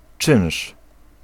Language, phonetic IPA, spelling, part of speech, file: Polish, [t͡ʃɨ̃w̃ʃ], czynsz, noun, Pl-czynsz.ogg